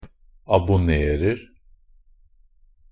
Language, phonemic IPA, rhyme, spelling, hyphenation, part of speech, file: Norwegian Bokmål, /abʊˈneːrər/, -ər, abonnerer, ab‧on‧ner‧er, verb, NB - Pronunciation of Norwegian Bokmål «abonnerer».ogg
- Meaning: present tense of abonnere